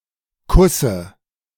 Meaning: dative singular of Kuss
- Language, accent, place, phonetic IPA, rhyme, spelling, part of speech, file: German, Germany, Berlin, [ˈkʊsə], -ʊsə, Kusse, noun, De-Kusse.ogg